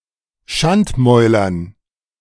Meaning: dative plural of Schandmaul
- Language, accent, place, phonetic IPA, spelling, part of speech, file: German, Germany, Berlin, [ˈʃantˌmɔɪ̯lɐn], Schandmäulern, noun, De-Schandmäulern.ogg